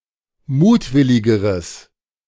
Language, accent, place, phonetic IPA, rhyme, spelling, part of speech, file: German, Germany, Berlin, [ˈmuːtˌvɪlɪɡəʁəs], -uːtvɪlɪɡəʁəs, mutwilligeres, adjective, De-mutwilligeres.ogg
- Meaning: strong/mixed nominative/accusative neuter singular comparative degree of mutwillig